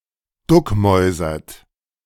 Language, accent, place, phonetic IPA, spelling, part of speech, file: German, Germany, Berlin, [ˈdʊkˌmɔɪ̯zɐt], duckmäusert, verb, De-duckmäusert.ogg
- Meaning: inflection of duckmäusern: 1. second-person plural present 2. third-person singular present 3. plural imperative